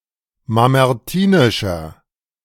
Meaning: inflection of mamertinisch: 1. strong/mixed nominative masculine singular 2. strong genitive/dative feminine singular 3. strong genitive plural
- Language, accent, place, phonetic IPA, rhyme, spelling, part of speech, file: German, Germany, Berlin, [mamɛʁˈtiːnɪʃɐ], -iːnɪʃɐ, mamertinischer, adjective, De-mamertinischer.ogg